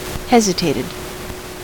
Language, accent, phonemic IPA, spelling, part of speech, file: English, US, /ˈhɛzɪteɪtɪd/, hesitated, verb, En-us-hesitated.ogg
- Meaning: simple past and past participle of hesitate